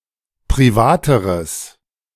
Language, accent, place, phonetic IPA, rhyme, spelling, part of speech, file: German, Germany, Berlin, [pʁiˈvaːtəʁəs], -aːtəʁəs, privateres, adjective, De-privateres.ogg
- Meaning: strong/mixed nominative/accusative neuter singular comparative degree of privat